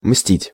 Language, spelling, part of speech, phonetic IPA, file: Russian, мстить, verb, [msʲtʲitʲ], Ru-мстить.ogg
- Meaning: to avenge, to revenge, to retaliate (to take vengeance)